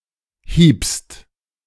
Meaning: second-person singular preterite of hauen
- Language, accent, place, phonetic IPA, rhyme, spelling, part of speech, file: German, Germany, Berlin, [hiːpst], -iːpst, hiebst, verb, De-hiebst.ogg